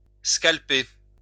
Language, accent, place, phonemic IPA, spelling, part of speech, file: French, France, Lyon, /skal.pe/, scalper, verb, LL-Q150 (fra)-scalper.wav
- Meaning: to scalp